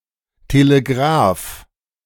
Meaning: alternative spelling of Telegraph
- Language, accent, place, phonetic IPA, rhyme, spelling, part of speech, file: German, Germany, Berlin, [teleˈɡʁaːf], -aːf, Telegraf, noun, De-Telegraf.ogg